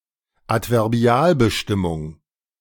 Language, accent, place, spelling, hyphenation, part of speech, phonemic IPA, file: German, Germany, Berlin, Adverbialbestimmung, Ad‧ver‧bi‧al‧be‧stim‧mung, noun, /atvɛʁˈbi̯aːlbəˌʃtɪmʊŋ/, De-Adverbialbestimmung.ogg
- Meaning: adverbial phrase